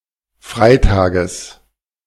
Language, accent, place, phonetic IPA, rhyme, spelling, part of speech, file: German, Germany, Berlin, [ˈfʁaɪ̯ˌtaːɡəs], -aɪ̯taːɡəs, Freitages, noun, De-Freitages.ogg
- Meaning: genitive singular of Freitag